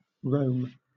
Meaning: 1. A major city, the capital of Italy and the Italian region of Lazio, located on the Tiber River; the ancient capital of the Roman Empire 2. A metropolitan city of Lazio, Italy
- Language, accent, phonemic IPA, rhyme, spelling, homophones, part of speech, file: English, Southern England, /ɹəʊm/, -əʊm, Rome, roam / Rom, proper noun, LL-Q1860 (eng)-Rome.wav